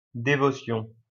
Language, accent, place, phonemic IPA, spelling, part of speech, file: French, France, Lyon, /de.vɔ.sjɔ̃/, dévotion, noun, LL-Q150 (fra)-dévotion.wav
- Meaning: 1. religious devotion 2. any religious ritual